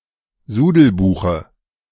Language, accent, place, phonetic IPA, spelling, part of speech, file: German, Germany, Berlin, [ˈzuːdl̩ˌbuːxə], Sudelbuche, noun, De-Sudelbuche.ogg
- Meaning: dative singular of Sudelbuch